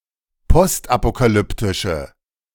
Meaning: inflection of postapokalyptisch: 1. strong/mixed nominative/accusative feminine singular 2. strong nominative/accusative plural 3. weak nominative all-gender singular
- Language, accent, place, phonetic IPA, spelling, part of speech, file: German, Germany, Berlin, [ˈpɔstʔapokaˌlʏptɪʃə], postapokalyptische, adjective, De-postapokalyptische.ogg